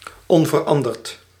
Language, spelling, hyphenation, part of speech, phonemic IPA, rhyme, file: Dutch, onveranderd, on‧ver‧an‧derd, adjective, /ˌɔn.vərˈɑn.dərt/, -ɑndərt, Nl-onveranderd.ogg
- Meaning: unchanged